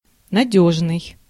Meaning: 1. reliable, dependable, trustworthy 2. firm, safe, sure
- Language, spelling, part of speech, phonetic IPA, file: Russian, надёжный, adjective, [nɐˈdʲɵʐnɨj], Ru-надёжный.ogg